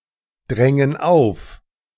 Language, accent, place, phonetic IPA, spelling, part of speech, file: German, Germany, Berlin, [ˌdʁɛŋən ˈaʊ̯f], drängen auf, verb, De-drängen auf.ogg
- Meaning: inflection of aufdrängen: 1. first/third-person plural present 2. first/third-person plural subjunctive I